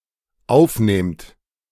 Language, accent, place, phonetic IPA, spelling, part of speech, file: German, Germany, Berlin, [ˈaʊ̯fˌneːmt], aufnehmt, verb, De-aufnehmt.ogg
- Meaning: second-person plural dependent present of aufnehmen